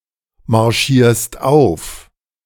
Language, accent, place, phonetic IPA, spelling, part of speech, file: German, Germany, Berlin, [maʁˌʃiːɐ̯st ˈaʊ̯f], marschierst auf, verb, De-marschierst auf.ogg
- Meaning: second-person singular present of aufmarschieren